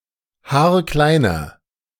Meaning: inflection of haarklein: 1. strong/mixed nominative masculine singular 2. strong genitive/dative feminine singular 3. strong genitive plural
- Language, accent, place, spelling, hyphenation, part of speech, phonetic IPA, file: German, Germany, Berlin, haarkleiner, haar‧klei‧ner, adjective, [ˈhaːɐ̯ˈklaɪ̯nɐ], De-haarkleiner.ogg